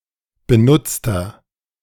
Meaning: inflection of benutzt: 1. strong/mixed nominative masculine singular 2. strong genitive/dative feminine singular 3. strong genitive plural
- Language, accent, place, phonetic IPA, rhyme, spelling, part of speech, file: German, Germany, Berlin, [bəˈnʊt͡stɐ], -ʊt͡stɐ, benutzter, adjective, De-benutzter.ogg